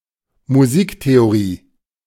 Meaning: music theory (field of study dealing with how music works)
- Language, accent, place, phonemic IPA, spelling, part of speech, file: German, Germany, Berlin, /muˈziːkteoˌʁiː/, Musiktheorie, noun, De-Musiktheorie.ogg